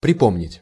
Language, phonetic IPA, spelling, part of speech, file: Russian, [prʲɪˈpomnʲɪtʲ], припомнить, verb, Ru-припомнить.ogg
- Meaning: 1. to remember, to recall 2. to get even, to revenge